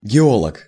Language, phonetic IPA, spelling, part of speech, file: Russian, [ɡʲɪˈoɫək], геолог, noun, Ru-геолог.ogg
- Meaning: geologist (male or female)